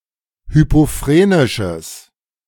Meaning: strong/mixed nominative/accusative neuter singular of hypophrenisch
- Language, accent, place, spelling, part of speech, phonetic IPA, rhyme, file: German, Germany, Berlin, hypophrenisches, adjective, [ˌhypoˈfʁeːnɪʃəs], -eːnɪʃəs, De-hypophrenisches.ogg